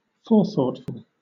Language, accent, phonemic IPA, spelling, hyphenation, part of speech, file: English, Southern England, /ˈfɔːθɔːtfʊl/, forethoughtful, fore‧thought‧ful, adjective, LL-Q1860 (eng)-forethoughtful.wav
- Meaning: Having or full of forethought; provident; proactive; visionary